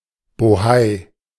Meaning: fuss, ado
- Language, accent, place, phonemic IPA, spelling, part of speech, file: German, Germany, Berlin, /boˈhaɪ̯/, Bohei, noun, De-Bohei.ogg